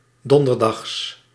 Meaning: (adjective) Thursday; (adverb) synonym of 's donderdags; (noun) genitive singular of donderdag
- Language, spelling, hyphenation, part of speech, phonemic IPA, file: Dutch, donderdags, don‧der‧dags, adjective / adverb / noun, /ˈdɔn.dərˌdɑxs/, Nl-donderdags.ogg